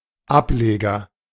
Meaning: 1. layer, shoot of a plant 2. spin-off of a parent company or parent organisation 3. spin-off of a series (etc.)
- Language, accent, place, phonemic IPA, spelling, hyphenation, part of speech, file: German, Germany, Berlin, /ˈapˌleːɡɐ/, Ableger, Ab‧le‧ger, noun, De-Ableger.ogg